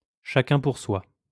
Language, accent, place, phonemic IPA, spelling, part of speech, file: French, France, Lyon, /ʃa.kœ̃ puʁ swa/, chacun pour soi, phrase, LL-Q150 (fra)-chacun pour soi.wav
- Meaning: every man for himself